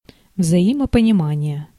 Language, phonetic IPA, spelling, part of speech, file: Russian, [vzɐˌiməpənʲɪˈmanʲɪje], взаимопонимание, noun, Ru-взаимопонимание.ogg
- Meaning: 1. mutual / common understanding, consensus 2. rapport (a relationship of mutual trust and respect)